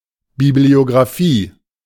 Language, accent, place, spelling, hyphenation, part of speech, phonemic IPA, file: German, Germany, Berlin, Bibliographie, Bi‧b‧lio‧gra‧phie, noun, /ˌbiblioɡʁaˈfiː/, De-Bibliographie.ogg
- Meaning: bibliography